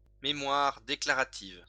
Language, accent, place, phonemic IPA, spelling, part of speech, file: French, France, Lyon, /me.mwaʁ de.kla.ʁa.tiv/, mémoire déclarative, noun, LL-Q150 (fra)-mémoire déclarative.wav
- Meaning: declarative memory